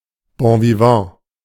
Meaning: bon vivant
- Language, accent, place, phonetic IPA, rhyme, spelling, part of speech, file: German, Germany, Berlin, [bõviˈvɑ̃ː], -ɑ̃ː, Bonvivant, noun, De-Bonvivant.ogg